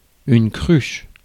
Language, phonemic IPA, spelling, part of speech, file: French, /kʁyʃ/, cruche, noun, Fr-cruche.ogg
- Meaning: 1. pitcher, jug 2. cretin, fool, numskull